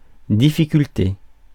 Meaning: difficulty
- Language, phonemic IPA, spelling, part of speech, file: French, /di.fi.kyl.te/, difficulté, noun, Fr-difficulté.ogg